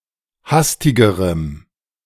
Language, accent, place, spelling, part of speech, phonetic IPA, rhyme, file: German, Germany, Berlin, hastigerem, adjective, [ˈhastɪɡəʁəm], -astɪɡəʁəm, De-hastigerem.ogg
- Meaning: strong dative masculine/neuter singular comparative degree of hastig